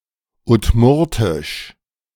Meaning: Udmurt (the Udmurt language)
- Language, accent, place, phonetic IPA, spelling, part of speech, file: German, Germany, Berlin, [ʊtˈmʊʁtɪʃ], Udmurtisch, noun, De-Udmurtisch.ogg